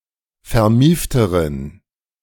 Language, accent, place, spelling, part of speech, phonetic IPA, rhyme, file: German, Germany, Berlin, vermiefteren, adjective, [fɛɐ̯ˈmiːftəʁən], -iːftəʁən, De-vermiefteren.ogg
- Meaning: inflection of vermieft: 1. strong genitive masculine/neuter singular comparative degree 2. weak/mixed genitive/dative all-gender singular comparative degree